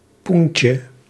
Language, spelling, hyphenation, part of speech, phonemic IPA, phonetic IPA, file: Dutch, poentje, poen‧tje, noun, /ˈpuntjə/, [ˈpun.cə], Nl-poentje.ogg
- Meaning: 1. vagina 2. diminutive of poen